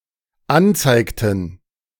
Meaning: inflection of anzeigen: 1. first/third-person plural dependent preterite 2. first/third-person plural dependent subjunctive II
- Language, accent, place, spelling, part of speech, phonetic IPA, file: German, Germany, Berlin, anzeigten, verb, [ˈanˌt͡saɪ̯ktn̩], De-anzeigten.ogg